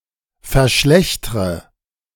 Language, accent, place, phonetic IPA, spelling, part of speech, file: German, Germany, Berlin, [fɛɐ̯ˈʃlɛçtʁə], verschlechtre, verb, De-verschlechtre.ogg
- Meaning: inflection of verschlechtern: 1. first-person singular present 2. first/third-person singular subjunctive I 3. singular imperative